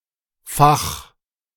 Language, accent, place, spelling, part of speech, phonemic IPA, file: German, Germany, Berlin, fach, verb, /faχ/, De-fach.ogg
- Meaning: singular imperative of fachen